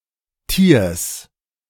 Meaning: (proper noun) a municipality of South Tyrol, Italy; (noun) genitive singular of Tier
- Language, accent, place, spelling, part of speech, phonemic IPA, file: German, Germany, Berlin, Tiers, proper noun / noun, /tiːɐ̯s/, De-Tiers.ogg